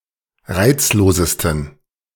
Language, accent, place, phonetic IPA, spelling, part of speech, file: German, Germany, Berlin, [ˈʁaɪ̯t͡sloːzəstn̩], reizlosesten, adjective, De-reizlosesten.ogg
- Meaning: 1. superlative degree of reizlos 2. inflection of reizlos: strong genitive masculine/neuter singular superlative degree